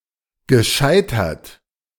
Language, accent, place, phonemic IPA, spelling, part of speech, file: German, Germany, Berlin, /ɡəˈʃaɪ̯tɐt/, gescheitert, verb / adjective, De-gescheitert.ogg
- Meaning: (verb) past participle of scheitern; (adjective) failed, aborted, unsuccessful, abortive